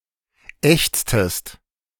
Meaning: inflection of ächzen: 1. second-person singular preterite 2. second-person singular subjunctive II
- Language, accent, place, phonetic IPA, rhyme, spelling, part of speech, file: German, Germany, Berlin, [ˈɛçt͡stəst], -ɛçt͡stəst, ächztest, verb, De-ächztest.ogg